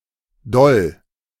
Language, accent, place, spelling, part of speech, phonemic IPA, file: German, Germany, Berlin, doll, adjective / adverb, /dɔl/, De-doll.ogg
- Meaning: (adjective) 1. firm, hard, forceful, strong (of actions, also of emotions) 2. good, great, satisfactory 3. extraordinary, remarkable